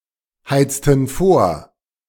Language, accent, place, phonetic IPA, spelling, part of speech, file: German, Germany, Berlin, [ˌhaɪ̯t͡stn̩ ˈfoːɐ̯], heizten vor, verb, De-heizten vor.ogg
- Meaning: inflection of vorheizen: 1. first/third-person plural preterite 2. first/third-person plural subjunctive II